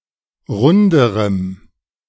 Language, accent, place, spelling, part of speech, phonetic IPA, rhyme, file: German, Germany, Berlin, runderem, adjective, [ˈʁʊndəʁəm], -ʊndəʁəm, De-runderem.ogg
- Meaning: strong dative masculine/neuter singular comparative degree of rund